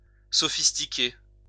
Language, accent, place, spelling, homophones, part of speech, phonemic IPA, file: French, France, Lyon, sophistiquer, sophistiquai / sophistiqué / sophistiquée / sophistiquées / sophistiqués / sophistiquez, verb, /sɔ.fis.ti.ke/, LL-Q150 (fra)-sophistiquer.wav
- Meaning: 1. to falsify 2. to corrupt 3. (rare) to use sophistic arguments 4. to render more sophisticated